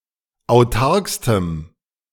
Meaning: strong dative masculine/neuter singular superlative degree of autark
- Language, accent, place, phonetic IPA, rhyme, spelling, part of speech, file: German, Germany, Berlin, [aʊ̯ˈtaʁkstəm], -aʁkstəm, autarkstem, adjective, De-autarkstem.ogg